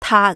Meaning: Jyutping transcription of 遢
- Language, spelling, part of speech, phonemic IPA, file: Cantonese, taat3, romanization, /tʰaːt˧/, Yue-taat3.ogg